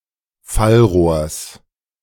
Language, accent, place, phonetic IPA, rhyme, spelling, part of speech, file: German, Germany, Berlin, [ˈfalˌʁoːɐ̯s], -alʁoːɐ̯s, Fallrohrs, noun, De-Fallrohrs.ogg
- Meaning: genitive singular of Fallrohr